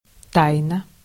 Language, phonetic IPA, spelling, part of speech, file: Russian, [ˈtajnə], тайна, noun / adjective, Ru-тайна.ogg
- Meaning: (noun) 1. mystery (something secret or unexplainable) 2. secret 3. secrecy 4. obscurity; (adjective) short feminine singular of та́йный (tájnyj)